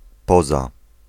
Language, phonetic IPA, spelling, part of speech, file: Polish, [ˈpɔza], poza, noun / preposition, Pl-poza.ogg